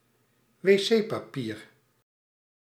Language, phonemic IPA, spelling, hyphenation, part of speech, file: Dutch, /ʋeːˈseː.paːˌpiːr/, wc-papier, wc-pa‧pier, noun, Nl-wc-papier.ogg
- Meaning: toilet paper